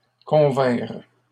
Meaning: third-person plural past historic of convenir
- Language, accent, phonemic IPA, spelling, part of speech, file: French, Canada, /kɔ̃.vɛ̃ʁ/, convinrent, verb, LL-Q150 (fra)-convinrent.wav